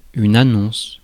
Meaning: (noun) advertisement; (verb) inflection of annoncer: 1. first/third-person singular present indicative/subjunctive 2. second-person singular imperative
- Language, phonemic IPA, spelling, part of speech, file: French, /a.nɔ̃s/, annonce, noun / verb, Fr-annonce.ogg